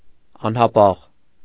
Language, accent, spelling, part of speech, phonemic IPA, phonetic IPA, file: Armenian, Eastern Armenian, անհապաղ, adverb, /ɑnhɑˈpɑʁ/, [ɑnhɑpɑ́ʁ], Hy-անհապաղ .ogg
- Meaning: instantly, immediately, promptly, right away